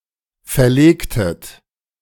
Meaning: inflection of verlegen: 1. second-person plural preterite 2. second-person plural subjunctive II
- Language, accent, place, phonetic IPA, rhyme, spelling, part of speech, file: German, Germany, Berlin, [fɛɐ̯ˈleːktət], -eːktət, verlegtet, verb, De-verlegtet.ogg